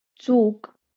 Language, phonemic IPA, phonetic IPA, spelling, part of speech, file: Marathi, /t͡suk/, [t͡suːk], चूक, noun, LL-Q1571 (mar)-चूक.wav
- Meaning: mistake, error